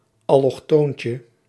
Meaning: diminutive of allochtoon
- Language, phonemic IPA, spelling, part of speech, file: Dutch, /ˌɑlɔxˈtoɲcə/, allochtoontje, noun, Nl-allochtoontje.ogg